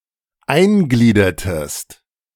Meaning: inflection of eingliedern: 1. second-person singular preterite 2. second-person singular subjunctive II
- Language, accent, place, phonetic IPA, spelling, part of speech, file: German, Germany, Berlin, [ˈaɪ̯nˌɡliːdɐtəst], eingliedertest, verb, De-eingliedertest.ogg